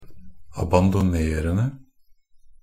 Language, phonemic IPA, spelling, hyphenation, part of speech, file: Norwegian Bokmål, /abandɔˈneːrən(d)ə/, abandonerende, ab‧an‧do‧ner‧en‧de, verb, NB - Pronunciation of Norwegian Bokmål «abandonerende».ogg
- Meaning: present participle of abandonere